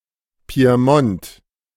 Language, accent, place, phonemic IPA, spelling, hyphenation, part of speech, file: German, Germany, Berlin, /pi̯eˈmɔnt/, Piemont, Pi‧e‧mont, proper noun, De-Piemont.ogg
- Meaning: Piedmont (an administrative region in the north of Italy)